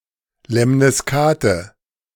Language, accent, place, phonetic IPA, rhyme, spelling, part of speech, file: German, Germany, Berlin, [lɛmniˈskaːtə], -aːtə, Lemniskate, noun, De-Lemniskate.ogg
- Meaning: lemniscate